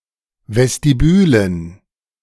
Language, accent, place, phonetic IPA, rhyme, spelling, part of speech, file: German, Germany, Berlin, [vɛstiˈbyːlən], -yːlən, Vestibülen, noun, De-Vestibülen.ogg
- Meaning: dative plural of Vestibül